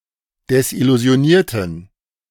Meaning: inflection of desillusioniert: 1. strong genitive masculine/neuter singular 2. weak/mixed genitive/dative all-gender singular 3. strong/weak/mixed accusative masculine singular 4. strong dative plural
- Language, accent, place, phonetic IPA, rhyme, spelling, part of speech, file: German, Germany, Berlin, [dɛsʔɪluzi̯oˈniːɐ̯tn̩], -iːɐ̯tn̩, desillusionierten, adjective / verb, De-desillusionierten.ogg